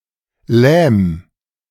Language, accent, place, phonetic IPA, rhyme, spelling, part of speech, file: German, Germany, Berlin, [lɛːm], -ɛːm, lähm, verb, De-lähm.ogg
- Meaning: 1. singular imperative of lähmen 2. first-person singular present of lähmen